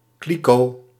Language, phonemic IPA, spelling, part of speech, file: Dutch, /ˈkliko/, kliko, noun, Nl-kliko.ogg
- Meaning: wheelie bin (outdoor tall plastic garbage container with two wheels to one side)